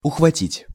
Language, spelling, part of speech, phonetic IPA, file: Russian, ухватить, verb, [ʊxvɐˈtʲitʲ], Ru-ухватить.ogg
- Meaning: 1. to catch, to lay hold of, to grasp 2. to understand, to catch, to grasp